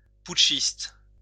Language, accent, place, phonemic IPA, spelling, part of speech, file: French, France, Lyon, /put.ʃist/, putschiste, noun, LL-Q150 (fra)-putschiste.wav
- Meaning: putschist